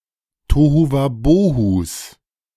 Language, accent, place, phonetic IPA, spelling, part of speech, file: German, Germany, Berlin, [ˌtoːhuvaˈboːhus], Tohuwabohus, noun, De-Tohuwabohus.ogg
- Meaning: plural of Tohuwabohu